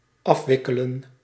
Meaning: 1. to unwind 2. to conclude, to bring to the final stages
- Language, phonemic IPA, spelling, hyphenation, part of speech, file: Dutch, /ˈɑfʋɪkələ(n)/, afwikkelen, af‧wik‧ke‧len, verb, Nl-afwikkelen.ogg